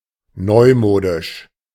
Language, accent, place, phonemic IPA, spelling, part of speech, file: German, Germany, Berlin, /ˈnɔɪ̯ˌmoːdɪʃ/, neumodisch, adjective, De-neumodisch.ogg
- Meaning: newfangled